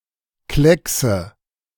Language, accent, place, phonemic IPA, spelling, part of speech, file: German, Germany, Berlin, /ˈklɛksə/, Kleckse, noun, De-Kleckse.ogg
- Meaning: nominative/accusative/genitive plural of Klecks